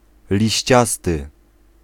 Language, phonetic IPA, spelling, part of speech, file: Polish, [lʲiɕˈt͡ɕastɨ], liściasty, adjective, Pl-liściasty.ogg